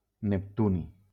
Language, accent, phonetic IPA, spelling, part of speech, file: Catalan, Valencia, [nepˈtu.ni], neptuni, noun, LL-Q7026 (cat)-neptuni.wav
- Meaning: neptunium